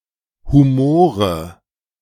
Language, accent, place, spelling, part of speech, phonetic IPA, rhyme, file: German, Germany, Berlin, Humore, noun, [huˈmoːʁə], -oːʁə, De-Humore.ogg
- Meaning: nominative/accusative/genitive plural of Humor